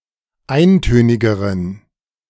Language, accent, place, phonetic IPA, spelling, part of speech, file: German, Germany, Berlin, [ˈaɪ̯nˌtøːnɪɡəʁən], eintönigeren, adjective, De-eintönigeren.ogg
- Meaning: inflection of eintönig: 1. strong genitive masculine/neuter singular comparative degree 2. weak/mixed genitive/dative all-gender singular comparative degree